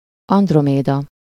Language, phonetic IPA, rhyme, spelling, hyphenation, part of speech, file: Hungarian, [ˈɒndromeːdɒ], -dɒ, Androméda, And‧ro‧mé‧da, proper noun, Hu-Androméda.ogg
- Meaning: 1. Andromeda, daughter of Cepheus and Cassiopeia 2. Andromeda, an autumn constellation of the northern sky 3. a female given name